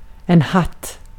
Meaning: 1. a hat 2. the top bread slice of a semla 3. a member of Hattpartiet
- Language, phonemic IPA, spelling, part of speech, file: Swedish, /hat/, hatt, noun, Sv-hatt.ogg